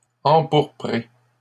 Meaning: feminine singular of empourpré
- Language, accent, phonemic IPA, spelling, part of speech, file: French, Canada, /ɑ̃.puʁ.pʁe/, empourprée, verb, LL-Q150 (fra)-empourprée.wav